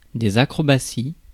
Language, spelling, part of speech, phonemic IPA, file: French, acrobaties, noun, /a.kʁɔ.ba.si/, Fr-acrobaties.ogg
- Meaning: plural of acrobatie